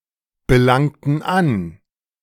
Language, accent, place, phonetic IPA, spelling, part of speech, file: German, Germany, Berlin, [bəˌlaŋtn̩ ˈan], belangten an, verb, De-belangten an.ogg
- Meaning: inflection of anbelangen: 1. first/third-person plural preterite 2. first/third-person plural subjunctive II